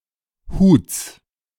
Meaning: genitive singular of Hut
- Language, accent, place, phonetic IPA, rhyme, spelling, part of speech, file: German, Germany, Berlin, [huːt͡s], -uːt͡s, Huts, noun, De-Huts.ogg